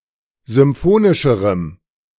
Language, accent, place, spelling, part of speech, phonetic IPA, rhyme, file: German, Germany, Berlin, symphonischerem, adjective, [zʏmˈfoːnɪʃəʁəm], -oːnɪʃəʁəm, De-symphonischerem.ogg
- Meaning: strong dative masculine/neuter singular comparative degree of symphonisch